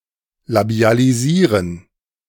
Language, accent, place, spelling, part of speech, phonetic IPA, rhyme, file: German, Germany, Berlin, labialisieren, verb, [labi̯aliˈziːʁən], -iːʁən, De-labialisieren.ogg
- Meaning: to labialize